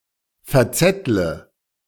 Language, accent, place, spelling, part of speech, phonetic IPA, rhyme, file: German, Germany, Berlin, verzettle, verb, [fɛɐ̯ˈt͡sɛtlə], -ɛtlə, De-verzettle.ogg
- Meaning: inflection of verzetteln: 1. first-person singular present 2. first/third-person singular subjunctive I 3. singular imperative